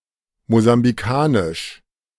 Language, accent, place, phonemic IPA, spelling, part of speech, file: German, Germany, Berlin, /mozambiˈkaːnɪʃ/, mosambikanisch, adjective, De-mosambikanisch.ogg
- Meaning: of Mozambique; Mozambican